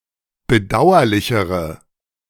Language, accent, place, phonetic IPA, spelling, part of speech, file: German, Germany, Berlin, [bəˈdaʊ̯ɐlɪçəʁə], bedauerlichere, adjective, De-bedauerlichere.ogg
- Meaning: inflection of bedauerlich: 1. strong/mixed nominative/accusative feminine singular comparative degree 2. strong nominative/accusative plural comparative degree